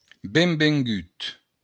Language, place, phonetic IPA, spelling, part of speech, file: Occitan, Béarn, [bembeŋˈɡyt], benvengut, interjection / adjective, LL-Q14185 (oci)-benvengut.wav
- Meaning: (interjection) welcome